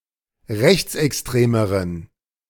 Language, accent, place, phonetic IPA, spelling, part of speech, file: German, Germany, Berlin, [ˈʁɛçt͡sʔɛksˌtʁeːməʁən], rechtsextremeren, adjective, De-rechtsextremeren.ogg
- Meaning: inflection of rechtsextrem: 1. strong genitive masculine/neuter singular comparative degree 2. weak/mixed genitive/dative all-gender singular comparative degree